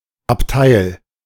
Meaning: compartment
- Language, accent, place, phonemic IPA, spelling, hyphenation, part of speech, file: German, Germany, Berlin, /apˈtaɪ̯l/, Abteil, Ab‧teil, noun, De-Abteil.ogg